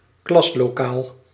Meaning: classroom
- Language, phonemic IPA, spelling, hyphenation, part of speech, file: Dutch, /ˈklɑs.loːˌkaːl/, klaslokaal, klas‧lo‧kaal, noun, Nl-klaslokaal.ogg